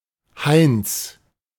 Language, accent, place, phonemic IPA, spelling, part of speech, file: German, Germany, Berlin, /haɪ̯nt͡s/, Heinz, proper noun / noun, De-Heinz.ogg
- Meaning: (proper noun) a popular diminutive of the male given name Heinrich; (noun) 1. ellipsis of Stiefelheinz (“bootjack”) 2. ellipsis of Heuheinz (“[wooden] rack for drying hay, etc.”)